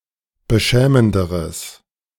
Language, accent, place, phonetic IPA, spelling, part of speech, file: German, Germany, Berlin, [bəˈʃɛːməndəʁəs], beschämenderes, adjective, De-beschämenderes.ogg
- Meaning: strong/mixed nominative/accusative neuter singular comparative degree of beschämend